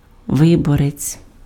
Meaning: voter, elector
- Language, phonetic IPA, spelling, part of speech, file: Ukrainian, [ˈʋɪbɔret͡sʲ], виборець, noun, Uk-виборець.ogg